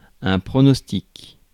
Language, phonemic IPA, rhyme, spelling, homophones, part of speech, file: French, /pʁɔ.nɔs.tik/, -ik, pronostic, pronostics, noun, Fr-pronostic.ogg
- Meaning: prognosis (all meanings)